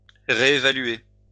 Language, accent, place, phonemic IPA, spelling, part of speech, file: French, France, Lyon, /ʁe.e.va.lɥe/, réévaluer, verb, LL-Q150 (fra)-réévaluer.wav
- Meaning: to reassess; to reevaluate